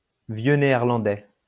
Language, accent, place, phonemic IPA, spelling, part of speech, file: French, France, Lyon, /vjø ne.ɛʁ.lɑ̃.dɛ/, vieux néerlandais, noun, LL-Q150 (fra)-vieux néerlandais.wav
- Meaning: the Old Dutch language